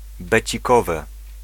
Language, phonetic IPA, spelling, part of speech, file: Polish, [ˌbɛt͡ɕiˈkɔvɛ], becikowe, noun, Pl-becikowe.ogg